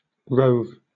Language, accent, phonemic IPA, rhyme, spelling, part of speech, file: English, Southern England, /ɹəʊv/, -əʊv, rove, verb / noun, LL-Q1860 (eng)-rove.wav
- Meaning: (verb) 1. To shoot with arrows (at) 2. To roam, or wander about at random, especially over a wide area 3. To roam or wander through 4. To card wool or other fibres